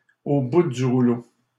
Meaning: 1. exhausted, on one's last legs, at the end of one's tether 2. broke, ruined
- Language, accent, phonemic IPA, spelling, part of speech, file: French, Canada, /o bu dy ʁu.lo/, au bout du rouleau, adjective, LL-Q150 (fra)-au bout du rouleau.wav